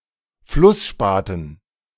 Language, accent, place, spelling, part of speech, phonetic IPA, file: German, Germany, Berlin, Flussspaten, noun, [ˈflʊsˌʃpaːtn̩], De-Flussspaten.ogg
- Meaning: dative plural of Flussspat